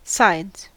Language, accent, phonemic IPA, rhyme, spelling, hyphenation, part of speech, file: English, US, /saɪdz/, -aɪdz, sides, sides, noun / verb, En-us-sides.ogg
- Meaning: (noun) 1. plural of side 2. Clipping of side effects; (verb) third-person singular simple present indicative of side